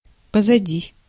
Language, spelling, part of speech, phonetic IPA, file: Russian, позади, adverb / preposition, [pəzɐˈdʲi], Ru-позади.ogg
- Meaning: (adverb) behind